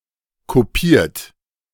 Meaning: 1. past participle of kopieren 2. inflection of kopieren: third-person singular present 3. inflection of kopieren: second-person plural present 4. inflection of kopieren: plural imperative
- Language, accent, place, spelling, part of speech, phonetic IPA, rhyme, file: German, Germany, Berlin, kopiert, verb, [koˈpiːɐ̯t], -iːɐ̯t, De-kopiert.ogg